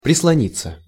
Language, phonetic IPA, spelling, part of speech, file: Russian, [prʲɪsɫɐˈnʲit͡sːə], прислониться, verb, Ru-прислониться.ogg
- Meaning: 1. to lean against 2. passive of прислони́ть (prislonítʹ)